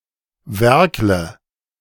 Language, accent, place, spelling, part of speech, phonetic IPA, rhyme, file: German, Germany, Berlin, werkle, verb, [ˈvɛʁklə], -ɛʁklə, De-werkle.ogg
- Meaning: inflection of werkeln: 1. first-person singular present 2. first/third-person singular subjunctive I 3. singular imperative